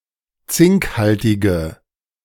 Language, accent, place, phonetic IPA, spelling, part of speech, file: German, Germany, Berlin, [ˈt͡sɪŋkˌhaltɪɡə], zinkhaltige, adjective, De-zinkhaltige.ogg
- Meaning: inflection of zinkhaltig: 1. strong/mixed nominative/accusative feminine singular 2. strong nominative/accusative plural 3. weak nominative all-gender singular